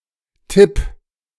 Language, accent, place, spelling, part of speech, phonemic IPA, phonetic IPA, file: German, Germany, Berlin, Tipp, noun, /tɪp/, [tʰɪpʰ], De-Tipp.ogg
- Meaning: tip, hint